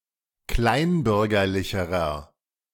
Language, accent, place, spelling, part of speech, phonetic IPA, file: German, Germany, Berlin, kleinbürgerlicherer, adjective, [ˈklaɪ̯nˌbʏʁɡɐlɪçəʁɐ], De-kleinbürgerlicherer.ogg
- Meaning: inflection of kleinbürgerlich: 1. strong/mixed nominative masculine singular comparative degree 2. strong genitive/dative feminine singular comparative degree